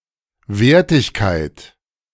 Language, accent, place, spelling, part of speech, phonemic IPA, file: German, Germany, Berlin, Wertigkeit, noun, /ˈveːɐ̯tɪçkaɪ̯t/, De-Wertigkeit.ogg
- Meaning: 1. valence 2. valency 3. quality, value